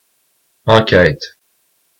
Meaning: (noun) 1. inquest, investigation, examination 2. survey, inquiry; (verb) inflection of enquêter: 1. first/third-person singular present indicative/subjunctive 2. second-person singular imperative
- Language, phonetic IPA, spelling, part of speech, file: French, [ãkæɪ̯t], enquête, noun / verb, Qc-enquête.oga